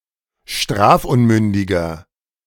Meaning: inflection of strafunmündig: 1. strong/mixed nominative masculine singular 2. strong genitive/dative feminine singular 3. strong genitive plural
- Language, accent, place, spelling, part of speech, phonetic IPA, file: German, Germany, Berlin, strafunmündiger, adjective, [ˈʃtʁaːfˌʔʊnmʏndɪɡɐ], De-strafunmündiger.ogg